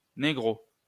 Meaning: 1. nigger 2. nigga (used in French dubs of American movies)
- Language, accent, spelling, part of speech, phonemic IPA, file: French, France, négro, noun, /ne.ɡʁo/, LL-Q150 (fra)-négro.wav